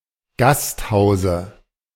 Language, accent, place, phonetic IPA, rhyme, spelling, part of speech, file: German, Germany, Berlin, [ˈɡastˌhaʊ̯zə], -asthaʊ̯zə, Gasthause, noun, De-Gasthause.ogg
- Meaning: dative singular of Gasthaus